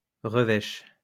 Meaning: sour, unpleasant (mood)
- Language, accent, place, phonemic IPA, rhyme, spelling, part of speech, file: French, France, Lyon, /ʁə.vɛʃ/, -ɛʃ, revêche, adjective, LL-Q150 (fra)-revêche.wav